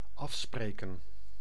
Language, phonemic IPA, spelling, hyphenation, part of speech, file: Dutch, /ˈɑfspreːkə(n)/, afspreken, af‧spre‧ken, verb, Nl-afspreken.ogg
- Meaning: 1. to agree, to make an agreement 2. to make an appointment